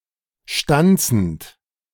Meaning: present participle of stanzen
- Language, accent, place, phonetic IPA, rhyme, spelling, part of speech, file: German, Germany, Berlin, [ˈʃtant͡sn̩t], -ant͡sn̩t, stanzend, verb, De-stanzend.ogg